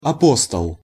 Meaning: apostle
- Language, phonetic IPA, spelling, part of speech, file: Russian, [ɐˈpostəɫ], апостол, noun, Ru-апостол.ogg